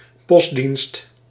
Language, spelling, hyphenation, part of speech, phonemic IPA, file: Dutch, postdienst, post‧dienst, noun, /ˈpɔs.dinst/, Nl-postdienst.ogg
- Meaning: postal service, postal system